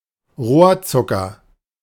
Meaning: cane sugar (sugar from the sugarcane plant)
- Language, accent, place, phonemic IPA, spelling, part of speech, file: German, Germany, Berlin, /ˈʁoːɐ̯ˌtsʊkɐ/, Rohrzucker, noun, De-Rohrzucker.ogg